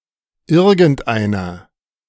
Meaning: feminine genitive/dative singular of irgendein
- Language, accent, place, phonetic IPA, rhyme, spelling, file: German, Germany, Berlin, [ˈɪʁɡn̩tˈʔaɪ̯nɐ], -aɪ̯nɐ, irgendeiner, De-irgendeiner.ogg